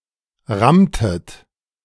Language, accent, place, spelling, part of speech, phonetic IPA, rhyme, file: German, Germany, Berlin, rammtet, verb, [ˈʁamtət], -amtət, De-rammtet.ogg
- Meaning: inflection of rammen: 1. second-person plural preterite 2. second-person plural subjunctive II